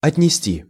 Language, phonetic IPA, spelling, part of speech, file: Russian, [ɐtʲnʲɪˈsʲtʲi], отнести, verb, Ru-отнести.ogg
- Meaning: 1. to carry, to deliver 2. to carry (off, away), to sweep (away) 3. to relate, to attribute, to include